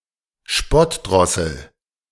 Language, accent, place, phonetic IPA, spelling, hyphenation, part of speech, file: German, Germany, Berlin, [ˈʃpɔtˌdʁɔsl̩], Spottdrossel, Spott‧dros‧sel, noun, De-Spottdrossel.ogg
- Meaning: 1. mockingbird (Mimus polyglottos) 2. mocker (a person who mocks)